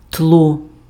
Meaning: 1. background 2. environment, surroundings, general conditions 3. ground, basis
- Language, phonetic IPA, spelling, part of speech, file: Ukrainian, [tɫɔ], тло, noun, Uk-тло.ogg